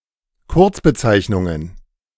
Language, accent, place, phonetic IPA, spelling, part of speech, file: German, Germany, Berlin, [ˈkʊʁt͡sbəˌt͡saɪ̯çnʊŋən], Kurzbezeichnungen, noun, De-Kurzbezeichnungen.ogg
- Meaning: plural of Kurzbezeichnung